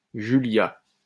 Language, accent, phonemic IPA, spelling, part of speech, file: French, France, /ʒy.lja/, Julia, proper noun, LL-Q150 (fra)-Julia.wav
- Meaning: a female given name from Latin, equivalent to English Julia